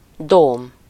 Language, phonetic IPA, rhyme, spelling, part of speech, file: Hungarian, [ˈdoːm], -oːm, dóm, noun, Hu-dóm.ogg
- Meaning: 1. cathedral, especially a principal one covered with a dome 2. dome, cupola (a structural element resembling the hollow upper half of a sphere)